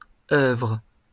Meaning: nonstandard spelling of œuvre
- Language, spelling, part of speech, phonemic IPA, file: French, oeuvre, noun, /œvʁ/, LL-Q150 (fra)-oeuvre.wav